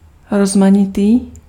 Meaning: diverse
- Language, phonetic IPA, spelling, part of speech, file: Czech, [ˈrozmaɲɪtiː], rozmanitý, adjective, Cs-rozmanitý.ogg